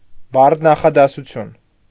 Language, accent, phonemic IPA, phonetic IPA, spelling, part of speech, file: Armenian, Eastern Armenian, /bɑɾtʰ nɑχɑdɑsuˈtʰjun/, [bɑɾtʰ nɑχɑdɑsut͡sʰjún], բարդ նախադասություն, noun, Hy-բարդ նախադասություն.ogg
- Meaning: compound sentence